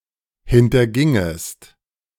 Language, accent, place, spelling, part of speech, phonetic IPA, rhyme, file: German, Germany, Berlin, hintergingest, verb, [hɪntɐˈɡɪŋəst], -ɪŋəst, De-hintergingest.ogg
- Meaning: second-person singular subjunctive II of hintergehen